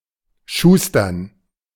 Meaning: to cobble
- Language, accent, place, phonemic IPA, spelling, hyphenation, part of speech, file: German, Germany, Berlin, /ˈʃuːstɐn/, schustern, schus‧tern, verb, De-schustern.ogg